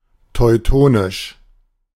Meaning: Teutonic
- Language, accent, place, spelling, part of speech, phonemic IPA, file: German, Germany, Berlin, teutonisch, adjective, /tɔɪ̯ˈtoːnɪʃ/, De-teutonisch.ogg